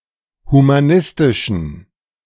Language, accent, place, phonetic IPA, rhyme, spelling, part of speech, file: German, Germany, Berlin, [humaˈnɪstɪʃn̩], -ɪstɪʃn̩, humanistischen, adjective, De-humanistischen.ogg
- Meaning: inflection of humanistisch: 1. strong genitive masculine/neuter singular 2. weak/mixed genitive/dative all-gender singular 3. strong/weak/mixed accusative masculine singular 4. strong dative plural